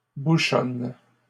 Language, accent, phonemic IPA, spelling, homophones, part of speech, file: French, Canada, /bu.ʃɔn/, bouchonnes, bouchonne / bouchonnent, verb, LL-Q150 (fra)-bouchonnes.wav
- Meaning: second-person singular present indicative/subjunctive of bouchonner